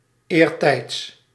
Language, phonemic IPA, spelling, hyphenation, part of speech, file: Dutch, /eːrˈtɛi̯ts/, eertijds, eer‧tijds, adverb, Nl-eertijds.ogg
- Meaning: in earlier times